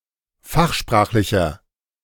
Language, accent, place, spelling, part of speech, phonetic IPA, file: German, Germany, Berlin, fachsprachlicher, adjective, [ˈfaxˌʃpʁaːxlɪçɐ], De-fachsprachlicher.ogg
- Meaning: inflection of fachsprachlich: 1. strong/mixed nominative masculine singular 2. strong genitive/dative feminine singular 3. strong genitive plural